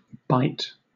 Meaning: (noun) 1. A corner, bend, or angle; a hollow 2. An area of sea lying between two promontories, larger than a bay, wider than a gulf
- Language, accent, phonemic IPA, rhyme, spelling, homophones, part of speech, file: English, Southern England, /baɪt/, -aɪt, bight, bite / by't / byte, noun / verb, LL-Q1860 (eng)-bight.wav